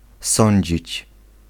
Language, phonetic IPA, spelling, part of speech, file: Polish, [ˈsɔ̃ɲd͡ʑit͡ɕ], sądzić, verb, Pl-sądzić.ogg